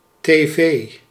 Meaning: abbreviation of televisie
- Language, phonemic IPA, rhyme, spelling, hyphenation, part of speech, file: Dutch, /teːˈveː/, -eː, tv, tv, noun, Nl-tv.ogg